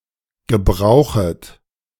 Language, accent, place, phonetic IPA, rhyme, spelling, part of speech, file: German, Germany, Berlin, [ɡəˈbʁaʊ̯xət], -aʊ̯xət, gebrauchet, verb, De-gebrauchet.ogg
- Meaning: second-person plural subjunctive I of gebrauchen